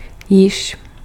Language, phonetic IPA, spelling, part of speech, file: Czech, [ˈjɪʃ], již, adverb / pronoun, Cs-již.ogg
- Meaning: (adverb) already; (pronoun) inflection of jenž: 1. nominative plural masculine animate 2. accusative singular feminine